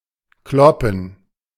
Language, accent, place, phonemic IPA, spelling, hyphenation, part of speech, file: German, Germany, Berlin, /ˈklɔpən/, kloppen, klop‧pen, verb, De-kloppen.ogg
- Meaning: 1. to fight, to engage in a fistfight 2. to thump, to hit hard